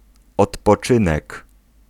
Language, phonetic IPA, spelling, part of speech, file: Polish, [ˌɔtpɔˈt͡ʃɨ̃nɛk], odpoczynek, noun, Pl-odpoczynek.ogg